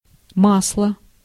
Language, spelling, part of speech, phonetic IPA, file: Russian, масло, noun, [ˈmasɫə], Ru-масло.ogg
- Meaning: 1. butter 2. oil (vegetable or mineral) 3. oil